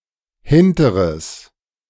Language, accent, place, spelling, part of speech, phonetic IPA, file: German, Germany, Berlin, hinteres, adjective, [ˈhɪntəʁəs], De-hinteres.ogg
- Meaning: strong/mixed nominative/accusative neuter singular of hinterer